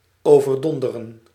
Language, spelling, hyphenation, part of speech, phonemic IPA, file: Dutch, overdonderen, over‧don‧de‧ren, verb, /ˌoː.vərˈdɔn.də.rə(n)/, Nl-overdonderen.ogg
- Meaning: 1. to overwhelm, to overawe 2. to confuse, to mystify